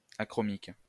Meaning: achromic
- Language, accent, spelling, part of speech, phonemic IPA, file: French, France, achromique, adjective, /a.kʁɔ.mik/, LL-Q150 (fra)-achromique.wav